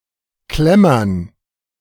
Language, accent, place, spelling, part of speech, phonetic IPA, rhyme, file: German, Germany, Berlin, Klemmern, noun, [ˈklɛmɐn], -ɛmɐn, De-Klemmern.ogg
- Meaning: dative plural of Klemmer